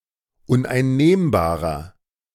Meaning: inflection of uneinnehmbar: 1. strong/mixed nominative masculine singular 2. strong genitive/dative feminine singular 3. strong genitive plural
- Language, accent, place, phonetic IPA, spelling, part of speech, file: German, Germany, Berlin, [ʊnʔaɪ̯nˈneːmbaːʁɐ], uneinnehmbarer, adjective, De-uneinnehmbarer.ogg